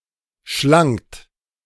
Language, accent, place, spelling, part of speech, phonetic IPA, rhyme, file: German, Germany, Berlin, schlangt, verb, [ʃlaŋt], -aŋt, De-schlangt.ogg
- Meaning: second-person plural preterite of schlingen